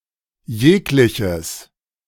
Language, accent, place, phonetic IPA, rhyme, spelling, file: German, Germany, Berlin, [ˈjeːklɪçəs], -eːklɪçəs, jegliches, De-jegliches.ogg
- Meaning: inflection of jeglicher: 1. strong/mixed nominative/accusative neuter singular 2. strong genitive masculine/neuter singular